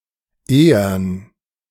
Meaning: 1. made of ore, thus of metal, especially iron 2. iron, inflexible
- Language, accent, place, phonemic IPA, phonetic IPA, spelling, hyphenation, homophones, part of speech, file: German, Germany, Berlin, /ˈeː.ərn/, [ˈʔeː.ɐn], ehern, ehern, ehren, adjective, De-ehern.ogg